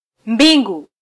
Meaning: 1. plural of uwingu 2. heavens
- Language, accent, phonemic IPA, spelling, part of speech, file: Swahili, Kenya, /ˈᵐbi.ᵑɡu/, mbingu, noun, Sw-ke-mbingu.flac